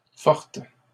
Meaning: feminine singular of fort
- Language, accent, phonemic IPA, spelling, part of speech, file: French, Canada, /fɔʁt/, forte, adjective, LL-Q150 (fra)-forte.wav